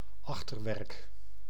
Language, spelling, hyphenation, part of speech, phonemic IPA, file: Dutch, achterwerk, ach‧ter‧werk, noun, /ˈɑx.tərˌʋɛrk/, Nl-achterwerk.ogg
- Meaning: 1. behind, buttocks 2. stern 3. decorative lacework